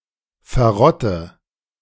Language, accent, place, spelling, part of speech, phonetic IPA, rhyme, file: German, Germany, Berlin, verrotte, verb, [fɛɐ̯ˈʁɔtə], -ɔtə, De-verrotte.ogg
- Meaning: inflection of verrotten: 1. first-person singular present 2. first/third-person singular subjunctive I 3. singular imperative